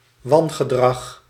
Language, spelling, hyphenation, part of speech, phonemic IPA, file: Dutch, wangedrag, wan‧ge‧drag, noun, /ˈʋɑn.ɣəˌdrɑx/, Nl-wangedrag.ogg
- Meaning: misconduct